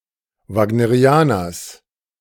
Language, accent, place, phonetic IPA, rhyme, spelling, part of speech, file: German, Germany, Berlin, [vaːɡnəˈʁi̯aːnɐs], -aːnɐs, Wagnerianers, noun, De-Wagnerianers.ogg
- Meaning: genitive singular of Wagnerianer